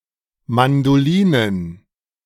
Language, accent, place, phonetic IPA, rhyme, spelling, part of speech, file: German, Germany, Berlin, [mandoˈliːnən], -iːnən, Mandolinen, noun, De-Mandolinen.ogg
- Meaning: plural of Mandoline